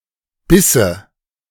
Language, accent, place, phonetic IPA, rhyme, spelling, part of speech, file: German, Germany, Berlin, [ˈbɪsə], -ɪsə, bisse, verb, De-bisse.ogg
- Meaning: first/third-person singular subjunctive II of beißen